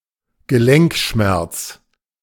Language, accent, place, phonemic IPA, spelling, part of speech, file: German, Germany, Berlin, /ɡəˈlɛŋkˌʃmɛʁt͡s/, Gelenkschmerz, noun, De-Gelenkschmerz.ogg
- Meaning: anthralgia, joint pain